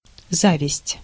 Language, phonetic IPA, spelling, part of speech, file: Russian, [ˈzavʲɪsʲtʲ], зависть, noun, Ru-зависть.ogg
- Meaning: envy